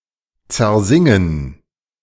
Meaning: to break through singing (e.g. glass)
- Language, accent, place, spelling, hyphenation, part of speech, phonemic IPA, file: German, Germany, Berlin, zersingen, zer‧sin‧gen, verb, /t͡sɛɐ̯ˈzɪŋən/, De-zersingen.ogg